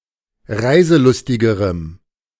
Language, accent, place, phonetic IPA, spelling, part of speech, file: German, Germany, Berlin, [ˈʁaɪ̯zəˌlʊstɪɡəʁəm], reiselustigerem, adjective, De-reiselustigerem.ogg
- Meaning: strong dative masculine/neuter singular comparative degree of reiselustig